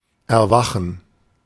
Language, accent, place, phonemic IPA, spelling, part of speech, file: German, Germany, Berlin, /ɛɐ̯ˈvaxn̩/, erwachen, verb, De-erwachen.ogg
- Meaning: to awake (also figuratively)